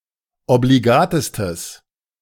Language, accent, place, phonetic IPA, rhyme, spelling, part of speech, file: German, Germany, Berlin, [obliˈɡaːtəstəs], -aːtəstəs, obligatestes, adjective, De-obligatestes.ogg
- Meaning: strong/mixed nominative/accusative neuter singular superlative degree of obligat